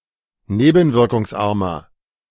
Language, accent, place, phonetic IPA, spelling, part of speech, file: German, Germany, Berlin, [ˈneːbn̩vɪʁkʊŋsˌʔaʁmɐ], nebenwirkungsarmer, adjective, De-nebenwirkungsarmer.ogg
- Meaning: inflection of nebenwirkungsarm: 1. strong/mixed nominative masculine singular 2. strong genitive/dative feminine singular 3. strong genitive plural